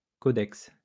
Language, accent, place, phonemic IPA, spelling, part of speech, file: French, France, Lyon, /kɔ.dɛks/, codex, noun, LL-Q150 (fra)-codex.wav
- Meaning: codex (all senses)